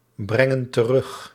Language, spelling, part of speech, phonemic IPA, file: Dutch, brengen terug, verb, /ˈbrɛŋə(n) t(ə)ˈrʏx/, Nl-brengen terug.ogg
- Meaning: inflection of terugbrengen: 1. plural present indicative 2. plural present subjunctive